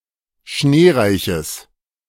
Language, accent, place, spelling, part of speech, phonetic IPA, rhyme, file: German, Germany, Berlin, schneereiches, adjective, [ˈʃneːˌʁaɪ̯çəs], -eːʁaɪ̯çəs, De-schneereiches.ogg
- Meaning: strong/mixed nominative/accusative neuter singular of schneereich